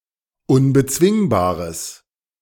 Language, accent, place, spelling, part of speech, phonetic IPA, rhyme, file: German, Germany, Berlin, unbezwingbares, adjective, [ʊnbəˈt͡svɪŋbaːʁəs], -ɪŋbaːʁəs, De-unbezwingbares.ogg
- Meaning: strong/mixed nominative/accusative neuter singular of unbezwingbar